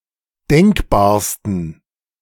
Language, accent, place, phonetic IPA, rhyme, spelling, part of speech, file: German, Germany, Berlin, [ˈdɛŋkbaːɐ̯stn̩], -ɛŋkbaːɐ̯stn̩, denkbarsten, adjective, De-denkbarsten.ogg
- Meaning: 1. superlative degree of denkbar 2. inflection of denkbar: strong genitive masculine/neuter singular superlative degree